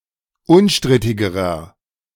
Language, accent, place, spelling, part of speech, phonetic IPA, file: German, Germany, Berlin, unstrittigerer, adjective, [ˈʊnˌʃtʁɪtɪɡəʁɐ], De-unstrittigerer.ogg
- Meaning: inflection of unstrittig: 1. strong/mixed nominative masculine singular comparative degree 2. strong genitive/dative feminine singular comparative degree 3. strong genitive plural comparative degree